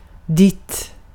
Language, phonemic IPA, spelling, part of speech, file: Swedish, /dɪt/, ditt, pronoun / noun, Sv-ditt.ogg
- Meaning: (pronoun) 1. neuter singular of din, your, yours 2. you (vocative determiner used before a singular neuter gender noun); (noun) only used in ditt och datt (“this and that”)